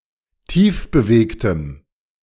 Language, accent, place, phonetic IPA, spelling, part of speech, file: German, Germany, Berlin, [ˈtiːfbəˌveːktəm], tiefbewegtem, adjective, De-tiefbewegtem.ogg
- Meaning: strong dative masculine/neuter singular of tiefbewegt